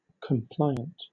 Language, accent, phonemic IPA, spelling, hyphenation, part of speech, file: English, Southern England, /kəmˈplʌɪənt/, compliant, com‧pli‧ant, adjective, LL-Q1860 (eng)-compliant.wav
- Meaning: 1. Willing to comply; submissive; willing to do what someone wants 2. Compatible with or following guidelines, specifications, rules, or laws 3. Deforming under pressure; yielding